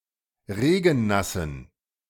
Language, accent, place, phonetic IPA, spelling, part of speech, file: German, Germany, Berlin, [ˈʁeːɡn̩ˌnasn̩], regennassen, adjective, De-regennassen.ogg
- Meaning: inflection of regennass: 1. strong genitive masculine/neuter singular 2. weak/mixed genitive/dative all-gender singular 3. strong/weak/mixed accusative masculine singular 4. strong dative plural